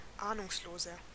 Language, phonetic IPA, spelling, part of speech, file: German, [ˈaːnʊŋsloːzɐ], ahnungsloser, adjective, De-ahnungsloser.ogg
- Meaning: 1. comparative degree of ahnungslos 2. inflection of ahnungslos: strong/mixed nominative masculine singular 3. inflection of ahnungslos: strong genitive/dative feminine singular